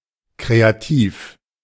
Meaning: creative
- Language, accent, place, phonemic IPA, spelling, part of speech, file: German, Germany, Berlin, /kreaˈtiːf/, kreativ, adjective, De-kreativ.ogg